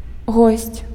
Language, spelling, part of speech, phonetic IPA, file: Belarusian, госць, noun, [ɣosʲt͡sʲ], Be-госць.ogg
- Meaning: guest